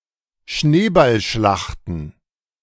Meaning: plural of Schneeballschlacht
- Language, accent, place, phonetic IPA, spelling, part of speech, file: German, Germany, Berlin, [ˈʃneːbalˌʃlaxtn̩], Schneeballschlachten, noun, De-Schneeballschlachten.ogg